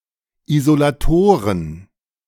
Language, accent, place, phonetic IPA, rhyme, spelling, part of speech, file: German, Germany, Berlin, [izolaˈtoːʁən], -oːʁən, Isolatoren, noun, De-Isolatoren.ogg
- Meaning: plural of Isolator